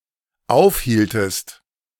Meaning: inflection of aufhalten: 1. second-person singular dependent preterite 2. second-person singular dependent subjunctive II
- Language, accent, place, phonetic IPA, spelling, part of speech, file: German, Germany, Berlin, [ˈaʊ̯fˌhiːltəst], aufhieltest, verb, De-aufhieltest.ogg